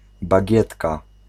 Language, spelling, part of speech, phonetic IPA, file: Polish, bagietka, noun, [baˈɟɛtka], Pl-bagietka.ogg